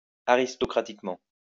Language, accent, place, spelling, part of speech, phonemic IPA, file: French, France, Lyon, aristocratiquement, adverb, /a.ʁis.tɔ.kʁa.tik.mɑ̃/, LL-Q150 (fra)-aristocratiquement.wav
- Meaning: aristocratically